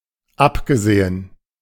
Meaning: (verb) past participle of absehen: disregarded; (adverb) except (for), apart (from), other (than)
- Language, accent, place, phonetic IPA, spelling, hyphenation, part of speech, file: German, Germany, Berlin, [ˈapɡəˌzeːən], abgesehen, ab‧ge‧se‧hen, verb / adverb, De-abgesehen.ogg